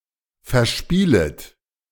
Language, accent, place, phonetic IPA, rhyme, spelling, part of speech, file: German, Germany, Berlin, [fɛɐ̯ˈʃpiːlət], -iːlət, verspielet, verb, De-verspielet.ogg
- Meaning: second-person plural subjunctive I of verspielen